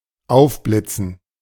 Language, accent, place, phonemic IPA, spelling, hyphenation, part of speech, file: German, Germany, Berlin, /ˈaʊ̯fˌblɪt͡sn̩/, aufblitzen, auf‧blit‧zen, verb, De-aufblitzen.ogg
- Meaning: 1. to flash 2. to suddenly come to mind